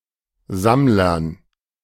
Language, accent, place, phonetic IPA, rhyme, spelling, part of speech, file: German, Germany, Berlin, [ˈzamlɐn], -amlɐn, Sammlern, noun, De-Sammlern.ogg
- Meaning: dative plural of Sammler